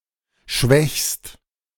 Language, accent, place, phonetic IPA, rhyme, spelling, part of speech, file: German, Germany, Berlin, [ʃvɛçst], -ɛçst, schwächst, verb, De-schwächst.ogg
- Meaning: second-person singular present of schwächen